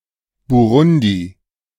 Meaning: Burundi (a country in East Africa)
- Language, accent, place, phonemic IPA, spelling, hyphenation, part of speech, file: German, Germany, Berlin, /buˈʁʊndi/, Burundi, Bu‧run‧di, proper noun, De-Burundi.ogg